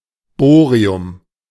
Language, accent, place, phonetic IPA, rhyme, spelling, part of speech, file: German, Germany, Berlin, [ˈboːʁiʊm], -oːʁiʊm, Bohrium, noun, De-Bohrium.ogg
- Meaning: bohrium